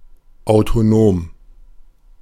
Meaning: autonomous
- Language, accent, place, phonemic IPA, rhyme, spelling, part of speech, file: German, Germany, Berlin, /aʊ̯toˈnoːm/, -oːm, autonom, adjective, De-autonom.ogg